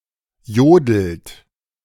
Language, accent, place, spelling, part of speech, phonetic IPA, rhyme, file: German, Germany, Berlin, jodelt, verb, [ˈjoːdl̩t], -oːdl̩t, De-jodelt.ogg
- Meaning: inflection of jodeln: 1. third-person singular present 2. second-person plural present 3. plural imperative